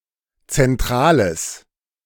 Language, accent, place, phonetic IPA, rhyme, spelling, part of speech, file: German, Germany, Berlin, [t͡sɛnˈtʁaːləs], -aːləs, zentrales, adjective, De-zentrales.ogg
- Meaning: strong/mixed nominative/accusative neuter singular of zentral